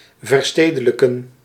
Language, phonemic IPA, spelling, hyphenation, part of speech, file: Dutch, /vərˈsteː.də.lə.kə(n)/, verstedelijken, ver‧ste‧de‧lij‧ken, verb, Nl-verstedelijken.ogg
- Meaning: 1. to urbanise 2. to become or turn into urban municipal property